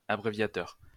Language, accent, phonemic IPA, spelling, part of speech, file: French, France, /a.bʁe.vja.tœʁ/, abréviateur, noun, LL-Q150 (fra)-abréviateur.wav
- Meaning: abbreviator; one who shortens